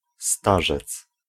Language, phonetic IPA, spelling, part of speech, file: Polish, [ˈstaʒɛt͡s], starzec, noun, Pl-starzec.ogg